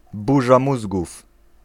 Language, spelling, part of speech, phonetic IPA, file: Polish, burza mózgów, phrase, [ˈbuʒa ˈmuzɡuf], Pl-burza mózgów.ogg